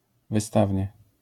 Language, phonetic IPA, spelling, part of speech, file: Polish, [vɨˈstavʲɲɛ], wystawnie, adverb, LL-Q809 (pol)-wystawnie.wav